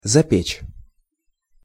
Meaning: to bake (in)
- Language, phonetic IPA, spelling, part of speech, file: Russian, [zɐˈpʲet͡ɕ], запечь, verb, Ru-запечь.ogg